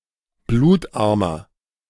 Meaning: inflection of blutarm: 1. strong/mixed nominative masculine singular 2. strong genitive/dative feminine singular 3. strong genitive plural
- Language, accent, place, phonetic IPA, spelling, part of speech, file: German, Germany, Berlin, [ˈbluːtˌʔaʁmɐ], blutarmer, adjective, De-blutarmer.ogg